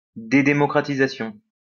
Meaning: democratization
- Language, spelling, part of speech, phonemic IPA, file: French, démocratisation, noun, /de.mɔ.kʁa.ti.za.sjɔ̃/, LL-Q150 (fra)-démocratisation.wav